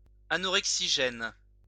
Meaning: anorexigenic
- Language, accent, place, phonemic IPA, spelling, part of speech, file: French, France, Lyon, /a.nɔ.ʁɛk.si.ʒɛn/, anorexigène, adjective, LL-Q150 (fra)-anorexigène.wav